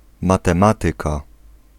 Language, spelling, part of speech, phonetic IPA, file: Polish, matematyka, noun, [ˌmatɛ̃ˈmatɨka], Pl-matematyka.ogg